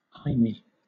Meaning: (proper noun) A diminutive of the male given name Hyman; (noun) A Jew
- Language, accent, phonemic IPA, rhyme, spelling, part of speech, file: English, Southern England, /ˈhaɪmi/, -aɪmi, Hymie, proper noun / noun, LL-Q1860 (eng)-Hymie.wav